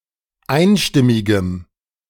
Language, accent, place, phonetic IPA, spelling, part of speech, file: German, Germany, Berlin, [ˈaɪ̯nˌʃtɪmɪɡəm], einstimmigem, adjective, De-einstimmigem.ogg
- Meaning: strong dative masculine/neuter singular of einstimmig